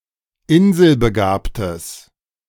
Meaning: strong/mixed nominative/accusative neuter singular of inselbegabt
- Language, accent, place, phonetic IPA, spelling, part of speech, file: German, Germany, Berlin, [ˈɪnzəlbəˌɡaːptəs], inselbegabtes, adjective, De-inselbegabtes.ogg